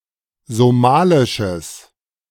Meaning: strong/mixed nominative/accusative neuter singular of somalisch
- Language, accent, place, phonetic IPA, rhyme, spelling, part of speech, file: German, Germany, Berlin, [zoˈmaːlɪʃəs], -aːlɪʃəs, somalisches, adjective, De-somalisches.ogg